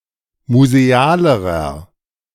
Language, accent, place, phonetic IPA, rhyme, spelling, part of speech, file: German, Germany, Berlin, [muzeˈaːləʁɐ], -aːləʁɐ, musealerer, adjective, De-musealerer.ogg
- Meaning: inflection of museal: 1. strong/mixed nominative masculine singular comparative degree 2. strong genitive/dative feminine singular comparative degree 3. strong genitive plural comparative degree